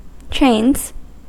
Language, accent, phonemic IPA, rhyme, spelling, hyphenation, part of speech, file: English, US, /tɹeɪnz/, -eɪnz, trains, trains, noun / verb, En-us-trains.ogg
- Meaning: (noun) plural of train; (verb) third-person singular simple present indicative of train